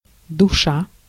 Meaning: 1. soul 2. spirit 3. darling
- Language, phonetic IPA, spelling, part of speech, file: Russian, [dʊˈʂa], душа, noun, Ru-душа.ogg